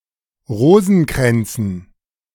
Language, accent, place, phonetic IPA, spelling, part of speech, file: German, Germany, Berlin, [ˈʁoːzn̩ˌkʁɛnt͡sn̩], Rosenkränzen, noun, De-Rosenkränzen.ogg
- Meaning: dative plural of Rosenkranz